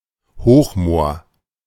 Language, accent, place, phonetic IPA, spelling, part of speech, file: German, Germany, Berlin, [ˈhoːxˌmoːɐ̯], Hochmoor, noun, De-Hochmoor.ogg
- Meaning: moor, high rainfall zone in the highlands